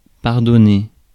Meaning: 1. to pardon, forgive 2. to excuse
- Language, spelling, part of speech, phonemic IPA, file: French, pardonner, verb, /paʁ.dɔ.ne/, Fr-pardonner.ogg